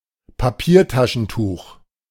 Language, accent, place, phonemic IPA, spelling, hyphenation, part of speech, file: German, Germany, Berlin, /paˈpiːɐ̯ˌtaʃn̩tuːx/, Papiertaschentuch, Pa‧pier‧ta‧schen‧tuch, noun, De-Papiertaschentuch.ogg
- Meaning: tissue handkerchief, tissue